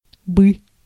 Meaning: A verbal particle used to render conditional and subjunctive mood
- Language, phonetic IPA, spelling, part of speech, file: Russian, [bɨ], бы, particle, Ru-бы.ogg